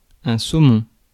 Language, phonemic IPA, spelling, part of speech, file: French, /so.mɔ̃/, saumon, noun, Fr-saumon.ogg
- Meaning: 1. salmon (fish) 2. wingtip (of an aircraft)